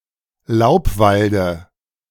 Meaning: dative singular of Laubwald
- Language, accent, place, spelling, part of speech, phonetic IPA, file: German, Germany, Berlin, Laubwalde, noun, [ˈlaʊ̯pˌvaldə], De-Laubwalde.ogg